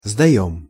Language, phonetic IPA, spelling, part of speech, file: Russian, [zdɐˈjɵm], сдаём, verb, Ru-сдаём.ogg
- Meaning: first-person plural present indicative imperfective of сдава́ть (sdavátʹ)